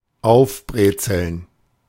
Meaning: (reflexive) to doll up, dress up (enhance in terms of fashionable appeal)
- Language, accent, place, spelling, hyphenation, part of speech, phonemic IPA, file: German, Germany, Berlin, aufbrezeln, auf‧bre‧zeln, verb, /ˈaʊ̯fˌbʁeːt͡sl̩n/, De-aufbrezeln.ogg